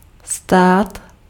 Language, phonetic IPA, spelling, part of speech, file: Czech, [ˈstaːt], stát, verb / noun, Cs-stát.ogg
- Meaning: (verb) 1. to stand 2. to stay on place 3. to stand by, to hold by 4. to cost 5. to be worth 6. to happen 7. to become; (noun) state